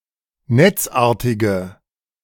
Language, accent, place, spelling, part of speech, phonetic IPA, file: German, Germany, Berlin, netzartige, adjective, [ˈnɛt͡sˌʔaːɐ̯tɪɡə], De-netzartige.ogg
- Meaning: inflection of netzartig: 1. strong/mixed nominative/accusative feminine singular 2. strong nominative/accusative plural 3. weak nominative all-gender singular